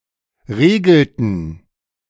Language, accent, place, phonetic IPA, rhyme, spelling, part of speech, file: German, Germany, Berlin, [ˈʁeːɡl̩tn̩], -eːɡl̩tn̩, regelten, verb, De-regelten.ogg
- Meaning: inflection of regeln: 1. first/third-person plural preterite 2. first/third-person plural subjunctive II